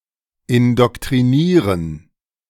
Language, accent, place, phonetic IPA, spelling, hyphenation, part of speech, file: German, Germany, Berlin, [ɪndɔktʁiˈniːʁən], indoktrinieren, in‧dok‧tri‧nie‧ren, verb, De-indoktrinieren.ogg
- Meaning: to indoctrinate